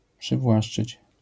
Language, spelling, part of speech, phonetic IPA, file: Polish, przywłaszczyć, verb, [pʃɨvˈwaʃt͡ʃɨt͡ɕ], LL-Q809 (pol)-przywłaszczyć.wav